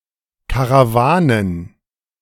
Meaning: plural of Karawane
- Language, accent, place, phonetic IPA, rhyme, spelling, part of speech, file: German, Germany, Berlin, [kaʁaˈvaːnən], -aːnən, Karawanen, noun, De-Karawanen.ogg